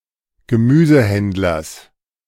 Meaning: genitive singular of Gemüsehändler
- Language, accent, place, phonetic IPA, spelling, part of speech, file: German, Germany, Berlin, [ɡəˈmyːzəˌhɛndlɐs], Gemüsehändlers, noun, De-Gemüsehändlers.ogg